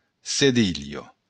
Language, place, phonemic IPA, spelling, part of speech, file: Occitan, Béarn, /seˈðiʎo̞/, cedilha, noun, LL-Q14185 (oci)-cedilha.wav
- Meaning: cedilla